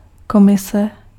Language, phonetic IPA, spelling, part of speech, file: Czech, [ˈkomɪsɛ], komise, noun, Cs-komise.ogg
- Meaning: commission (body of officials)